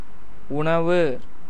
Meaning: 1. food 2. boiled rice
- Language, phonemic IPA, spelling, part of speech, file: Tamil, /ʊɳɐʋɯ/, உணவு, noun, Ta-உணவு.ogg